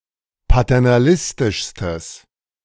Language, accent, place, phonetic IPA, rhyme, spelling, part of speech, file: German, Germany, Berlin, [patɛʁnaˈlɪstɪʃstəs], -ɪstɪʃstəs, paternalistischstes, adjective, De-paternalistischstes.ogg
- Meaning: strong/mixed nominative/accusative neuter singular superlative degree of paternalistisch